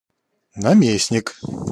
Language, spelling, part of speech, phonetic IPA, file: Russian, наместник, noun, [nɐˈmʲesnʲɪk], Ru-наместник.ogg
- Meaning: deputy, governor-general